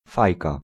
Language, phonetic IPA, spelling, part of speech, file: Polish, [ˈfajka], fajka, noun, Pl-fajka.ogg